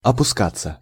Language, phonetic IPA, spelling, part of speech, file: Russian, [ɐpʊˈskat͡sːə], опускаться, verb, Ru-опускаться.ogg
- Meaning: 1. to go down, to descend 2. passive of опуска́ть (opuskátʹ)